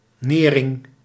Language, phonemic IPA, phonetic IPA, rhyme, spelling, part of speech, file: Dutch, /ˈneː.rɪŋ/, [ˈnɪː.rɪŋ], -eːrɪŋ, nering, noun, Nl-nering.ogg
- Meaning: one's living; source of income